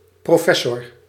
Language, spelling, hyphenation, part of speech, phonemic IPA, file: Dutch, professor, pro‧fes‧sor, noun, /ˌproːˈfɛ.sɔr/, Nl-professor.ogg
- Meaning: professor